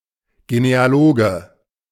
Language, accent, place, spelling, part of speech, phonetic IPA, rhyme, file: German, Germany, Berlin, Genealoge, noun, [ɡeneaˈloːɡə], -oːɡə, De-Genealoge.ogg
- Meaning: genealogist (male or of unspecified gender)